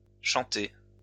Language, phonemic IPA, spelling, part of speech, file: French, /ʃɑ̃.te/, chanté, verb, LL-Q150 (fra)-chanté.wav
- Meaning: past participle of chanter